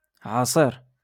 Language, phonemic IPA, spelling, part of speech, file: Moroccan Arabic, /ʕa.sˤiːr/, عصير, noun, LL-Q56426 (ary)-عصير.wav
- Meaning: juice